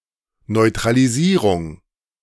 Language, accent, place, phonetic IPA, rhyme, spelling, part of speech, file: German, Germany, Berlin, [nɔɪ̯tʁaliˈziːʁʊŋ], -iːʁʊŋ, Neutralisierung, noun, De-Neutralisierung.ogg
- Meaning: neutralization